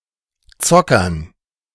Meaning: dative plural of Zocker
- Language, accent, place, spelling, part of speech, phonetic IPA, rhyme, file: German, Germany, Berlin, Zockern, noun, [ˈt͡sɔkɐn], -ɔkɐn, De-Zockern.ogg